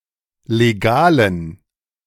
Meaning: inflection of legal: 1. strong genitive masculine/neuter singular 2. weak/mixed genitive/dative all-gender singular 3. strong/weak/mixed accusative masculine singular 4. strong dative plural
- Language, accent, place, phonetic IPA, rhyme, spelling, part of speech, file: German, Germany, Berlin, [leˈɡaːlən], -aːlən, legalen, adjective, De-legalen.ogg